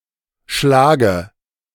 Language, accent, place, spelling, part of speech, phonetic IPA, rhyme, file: German, Germany, Berlin, Schlage, noun, [ˈʃlaːɡə], -aːɡə, De-Schlage.ogg
- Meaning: dative of Schlag